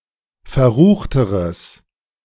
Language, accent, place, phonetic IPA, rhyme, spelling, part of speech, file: German, Germany, Berlin, [fɛɐ̯ˈʁuːxtəʁəs], -uːxtəʁəs, verruchteres, adjective, De-verruchteres.ogg
- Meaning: strong/mixed nominative/accusative neuter singular comparative degree of verrucht